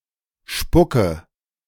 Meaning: inflection of spucken: 1. first-person singular present 2. singular imperative 3. first/third-person singular subjunctive I
- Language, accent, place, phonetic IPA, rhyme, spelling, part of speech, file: German, Germany, Berlin, [ˈʃpʊkə], -ʊkə, spucke, verb, De-spucke.ogg